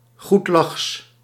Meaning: 1. given to laughter, joyful 2. cheerful, regardless whether there is any reason for joy
- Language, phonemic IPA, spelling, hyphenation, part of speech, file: Dutch, /ɣutˈlɑxs/, goedlachs, goed‧lachs, adjective, Nl-goedlachs.ogg